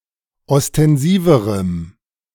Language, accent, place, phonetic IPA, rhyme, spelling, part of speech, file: German, Germany, Berlin, [ɔstɛnˈziːvəʁəm], -iːvəʁəm, ostensiverem, adjective, De-ostensiverem.ogg
- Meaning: strong dative masculine/neuter singular comparative degree of ostensiv